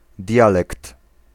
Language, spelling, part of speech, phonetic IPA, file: Polish, dialekt, noun, [ˈdʲjalɛkt], Pl-dialekt.ogg